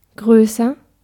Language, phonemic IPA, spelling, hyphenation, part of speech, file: German, /ˈɡʁøːsɐ/, größer, grö‧ßer, adjective, De-größer.ogg
- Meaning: comparative degree of groß